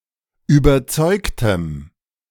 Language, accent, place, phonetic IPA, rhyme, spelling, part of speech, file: German, Germany, Berlin, [yːbɐˈt͡sɔɪ̯ktəm], -ɔɪ̯ktəm, überzeugtem, adjective, De-überzeugtem.ogg
- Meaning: strong dative masculine/neuter singular of überzeugt